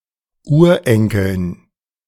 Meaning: dative plural of Urenkel
- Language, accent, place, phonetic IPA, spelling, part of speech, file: German, Germany, Berlin, [ˈuːɐ̯ˌʔɛŋkl̩n], Urenkeln, noun, De-Urenkeln.ogg